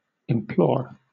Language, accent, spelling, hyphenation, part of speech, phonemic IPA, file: English, Southern England, implore, im‧plore, verb / noun, /ɪmˈplɔː/, LL-Q1860 (eng)-implore.wav
- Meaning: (verb) 1. To beg or plead for (something) earnestly or urgently; to beseech 2. To beg or plead that (someone) earnestly or urgently do something; to beseech, to entreat